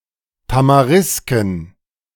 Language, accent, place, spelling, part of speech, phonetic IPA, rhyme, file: German, Germany, Berlin, Tamarisken, noun, [tamaˈʁɪskn̩], -ɪskn̩, De-Tamarisken.ogg
- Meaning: plural of Tamariske